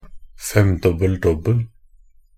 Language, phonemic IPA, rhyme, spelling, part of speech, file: Norwegian Bokmål, /ˈfɛmdɔbːəl.dɔbːəl/, -əl, femdobbel-dobbel, noun, Nb-femdobbel-dobbel.ogg
- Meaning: quintuple double (the achievement of a two-digit number of all five of points scored, assists, rebounds, blocks, and steals in a single game)